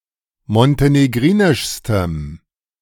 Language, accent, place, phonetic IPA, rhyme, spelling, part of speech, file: German, Germany, Berlin, [mɔnteneˈɡʁiːnɪʃstəm], -iːnɪʃstəm, montenegrinischstem, adjective, De-montenegrinischstem.ogg
- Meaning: strong dative masculine/neuter singular superlative degree of montenegrinisch